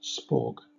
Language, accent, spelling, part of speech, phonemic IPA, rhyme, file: English, Southern England, spaug, noun, /spɔːɡ/, -ɔːɡ, LL-Q1860 (eng)-spaug.wav
- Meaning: A foot